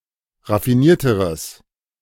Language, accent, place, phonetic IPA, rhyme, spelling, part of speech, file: German, Germany, Berlin, [ʁafiˈniːɐ̯təʁəs], -iːɐ̯təʁəs, raffinierteres, adjective, De-raffinierteres.ogg
- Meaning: strong/mixed nominative/accusative neuter singular comparative degree of raffiniert